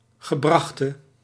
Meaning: inflection of gebracht: 1. masculine/feminine singular attributive 2. definite neuter singular attributive 3. plural attributive
- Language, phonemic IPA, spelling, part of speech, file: Dutch, /ɣəˈbrɑxtə/, gebrachte, verb / adjective, Nl-gebrachte.ogg